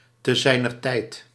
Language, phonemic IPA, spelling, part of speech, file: Dutch, /təˌzɛinərˈtɛit/, te zijner tijd, phrase, Nl-te zijner tijd.ogg
- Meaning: in due time, when the time is right